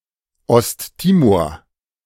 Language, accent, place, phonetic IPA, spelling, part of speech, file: German, Germany, Berlin, [ˌɔstˈtiːmoːɐ̯], Osttimor, proper noun, De-Osttimor.ogg
- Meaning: East Timor (a country in Southeast Asia occupying half the island of Timor)